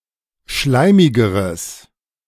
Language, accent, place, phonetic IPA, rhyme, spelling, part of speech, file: German, Germany, Berlin, [ˈʃlaɪ̯mɪɡəʁəs], -aɪ̯mɪɡəʁəs, schleimigeres, adjective, De-schleimigeres.ogg
- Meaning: strong/mixed nominative/accusative neuter singular comparative degree of schleimig